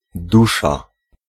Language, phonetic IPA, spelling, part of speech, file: Polish, [ˈduʃa], dusza, noun, Pl-dusza.ogg